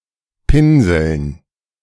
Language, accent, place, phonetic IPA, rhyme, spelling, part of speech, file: German, Germany, Berlin, [ˈpɪnzl̩n], -ɪnzl̩n, Pinseln, noun, De-Pinseln.ogg
- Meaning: dative plural of Pinsel